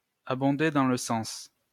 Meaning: to agree profusely with, to express the same opinions as
- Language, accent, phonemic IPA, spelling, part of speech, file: French, France, /a.bɔ̃.de dɑ̃ l(ə) sɑ̃s/, abonder dans le sens, verb, LL-Q150 (fra)-abonder dans le sens.wav